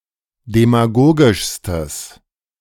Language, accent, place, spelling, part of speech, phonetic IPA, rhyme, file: German, Germany, Berlin, demagogischstes, adjective, [demaˈɡoːɡɪʃstəs], -oːɡɪʃstəs, De-demagogischstes.ogg
- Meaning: strong/mixed nominative/accusative neuter singular superlative degree of demagogisch